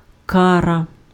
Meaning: penalty, punishment, retribution
- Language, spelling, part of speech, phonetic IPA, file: Ukrainian, кара, noun, [ˈkarɐ], Uk-кара.ogg